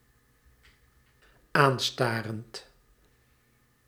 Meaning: present participle of aanstaren
- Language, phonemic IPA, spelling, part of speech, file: Dutch, /ˈanstarənt/, aanstarend, verb, Nl-aanstarend.ogg